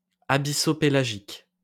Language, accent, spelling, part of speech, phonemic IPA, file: French, France, abyssopélagique, adjective, /a.bi.so.pe.la.ʒik/, LL-Q150 (fra)-abyssopélagique.wav
- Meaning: abyssopelagic